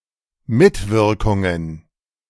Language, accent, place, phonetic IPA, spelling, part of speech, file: German, Germany, Berlin, [ˈmɪtˌvɪʁkʊŋən], Mitwirkungen, noun, De-Mitwirkungen.ogg
- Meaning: plural of Mitwirkung